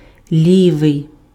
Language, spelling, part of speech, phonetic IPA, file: Ukrainian, лівий, adjective, [ˈlʲiʋei̯], Uk-лівий.ogg
- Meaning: left